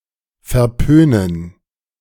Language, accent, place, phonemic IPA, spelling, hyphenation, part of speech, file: German, Germany, Berlin, /fɛɐ̯ˈpøːnən/, verpönen, ver‧pö‧nen, verb, De-verpönen.ogg
- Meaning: to frown upon, to disapprove